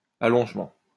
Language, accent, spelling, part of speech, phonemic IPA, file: French, France, allongement, noun, /a.lɔ̃ʒ.mɑ̃/, LL-Q150 (fra)-allongement.wav
- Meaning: lengthening, extension